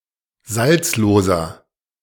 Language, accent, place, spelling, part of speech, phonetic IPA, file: German, Germany, Berlin, salzloser, adjective, [ˈzalt͡sloːzɐ], De-salzloser.ogg
- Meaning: inflection of salzlos: 1. strong/mixed nominative masculine singular 2. strong genitive/dative feminine singular 3. strong genitive plural